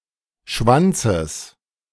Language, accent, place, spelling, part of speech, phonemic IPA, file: German, Germany, Berlin, Schwanzes, noun, /ˈʃvantsəs/, De-Schwanzes.ogg
- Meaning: genitive singular of Schwanz